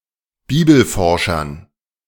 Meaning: dative plural of Bibelforscher
- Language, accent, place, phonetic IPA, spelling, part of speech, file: German, Germany, Berlin, [ˈbiːbl̩ˌfɔʁʃɐn], Bibelforschern, noun, De-Bibelforschern.ogg